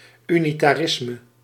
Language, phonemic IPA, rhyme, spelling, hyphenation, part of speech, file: Dutch, /ˌy.ni.taːˈrɪs.mə/, -ɪsmə, unitarisme, uni‧ta‧ris‧me, noun, Nl-unitarisme.ogg
- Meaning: 1. Unitarianism 2. centralism, up to the point of a unitary state